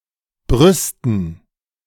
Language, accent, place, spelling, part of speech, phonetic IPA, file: German, Germany, Berlin, Brüsten, noun, [ˈbʁʏstən], De-Brüsten.ogg
- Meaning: 1. dative plural of Brust 2. gerund of brüsten: "bragging"